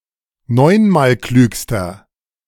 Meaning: inflection of neunmalklug: 1. strong/mixed nominative masculine singular superlative degree 2. strong genitive/dative feminine singular superlative degree 3. strong genitive plural superlative degree
- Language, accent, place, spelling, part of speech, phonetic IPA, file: German, Germany, Berlin, neunmalklügster, adjective, [ˈnɔɪ̯nmaːlˌklyːkstɐ], De-neunmalklügster.ogg